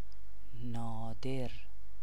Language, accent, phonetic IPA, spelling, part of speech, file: Persian, Iran, [nɒː.d̪éɹ], نادر, adjective / proper noun, Fa-نادر.ogg
- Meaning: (adjective) rare; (proper noun) a male given name, Nader and Nadir